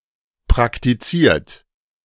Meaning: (verb) past participle of praktizieren; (adjective) practiced / practised
- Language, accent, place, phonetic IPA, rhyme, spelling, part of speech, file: German, Germany, Berlin, [pʁaktiˈt͡siːɐ̯t], -iːɐ̯t, praktiziert, verb, De-praktiziert.ogg